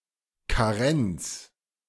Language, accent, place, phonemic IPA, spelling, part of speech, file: German, Germany, Berlin, /kaˈʁɛnt͡s/, Karenz, noun, De-Karenz.ogg
- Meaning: 1. waiting period, grace period 2. abstinence 3. parental leave